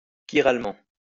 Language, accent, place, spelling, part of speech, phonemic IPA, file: French, France, Lyon, chiralement, adverb, /ki.ʁal.mɑ̃/, LL-Q150 (fra)-chiralement.wav
- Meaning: chirally